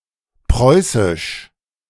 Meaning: abbreviation of preußisch
- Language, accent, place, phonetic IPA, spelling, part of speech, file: German, Germany, Berlin, [ˈpʁɔɪ̯sɪʃ], preuß., abbreviation, De-preuß..ogg